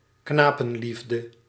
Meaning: 1. a love for boys, i.e. pedophilia directed to boys as sexually attractive 2. homosexuality
- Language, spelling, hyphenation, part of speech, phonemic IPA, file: Dutch, knapenliefde, kna‧pen‧lief‧de, noun, /ˈknaː.pə(n)ˌlif.də/, Nl-knapenliefde.ogg